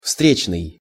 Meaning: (adjective) 1. oncoming 2. counter-, head... (coming from in front, coming from the opposite direction) 3. on one’s way; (noun) passer-by
- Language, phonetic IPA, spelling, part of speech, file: Russian, [ˈfstrʲet͡ɕnɨj], встречный, adjective / noun, Ru-встречный.ogg